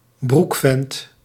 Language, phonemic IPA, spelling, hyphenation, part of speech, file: Dutch, /ˈbruk.fɛnt/, broekvent, broek‧vent, noun, Nl-broekvent.ogg
- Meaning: 1. an immature man (a metaphor that alludes to men that still wear boyish shorts) 2. coward